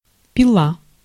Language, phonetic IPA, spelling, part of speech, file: Russian, [pʲɪˈɫa], пила, noun / verb, Ru-пила.ogg
- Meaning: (noun) saw; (verb) feminine singular past indicative imperfective of пить (pitʹ)